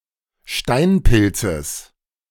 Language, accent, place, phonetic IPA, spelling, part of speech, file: German, Germany, Berlin, [ˈʃtaɪ̯nˌpɪlt͡səs], Steinpilzes, noun, De-Steinpilzes.ogg
- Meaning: genitive singular of Steinpilz